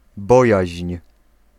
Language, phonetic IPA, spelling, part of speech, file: Polish, [ˈbɔjäɕɲ̊], bojaźń, noun, Pl-bojaźń.ogg